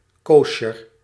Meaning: 1. kosher 2. proper, in order, meet
- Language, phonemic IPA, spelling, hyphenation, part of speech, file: Dutch, /ˈkoː.ʃər/, koosjer, koo‧sjer, adjective, Nl-koosjer.ogg